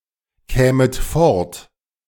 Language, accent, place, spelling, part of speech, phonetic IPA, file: German, Germany, Berlin, kämet fort, verb, [ˌkɛːmət ˈfɔʁt], De-kämet fort.ogg
- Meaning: second-person plural subjunctive I of fortkommen